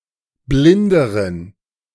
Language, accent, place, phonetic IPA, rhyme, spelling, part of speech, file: German, Germany, Berlin, [ˈblɪndəʁən], -ɪndəʁən, blinderen, adjective, De-blinderen.ogg
- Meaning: inflection of blind: 1. strong genitive masculine/neuter singular comparative degree 2. weak/mixed genitive/dative all-gender singular comparative degree